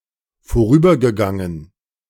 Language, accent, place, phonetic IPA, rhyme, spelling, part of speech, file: German, Germany, Berlin, [foˈʁyːbɐɡəˌɡaŋən], -yːbɐɡəɡaŋən, vorübergegangen, verb, De-vorübergegangen.ogg
- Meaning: past participle of vorübergehen